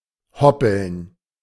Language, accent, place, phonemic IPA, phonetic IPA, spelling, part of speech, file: German, Germany, Berlin, /ˈhɔpəln/, [ˈhɔpl̩n], hoppeln, verb, De-hoppeln.ogg
- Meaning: to hop (especially referring to a hare)